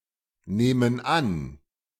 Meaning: inflection of annehmen: 1. first/third-person plural present 2. first/third-person plural subjunctive I
- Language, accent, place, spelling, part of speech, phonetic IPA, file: German, Germany, Berlin, nehmen an, verb, [ˌneːmən ˈan], De-nehmen an.ogg